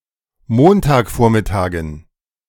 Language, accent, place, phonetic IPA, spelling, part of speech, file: German, Germany, Berlin, [ˈmontaːkˌfoːɐ̯mɪtaːɡn̩], Montagvormittagen, noun, De-Montagvormittagen.ogg
- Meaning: dative plural of Montagvormittag